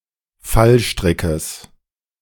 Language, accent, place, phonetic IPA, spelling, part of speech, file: German, Germany, Berlin, [ˈfalˌʃtʁɪkəs], Fallstrickes, noun, De-Fallstrickes.ogg
- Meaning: genitive singular of Fallstrick